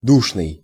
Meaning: 1. stuffy (poorly-ventilated; close) 2. fussy, nitty, pedantic; boring (of a person)
- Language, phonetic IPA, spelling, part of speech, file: Russian, [ˈduʂnɨj], душный, adjective, Ru-душный.ogg